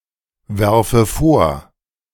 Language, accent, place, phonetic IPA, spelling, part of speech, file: German, Germany, Berlin, [ˌvɛʁfə ˈfoːɐ̯], werfe vor, verb, De-werfe vor.ogg
- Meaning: inflection of vorwerfen: 1. first-person singular present 2. first/third-person singular subjunctive I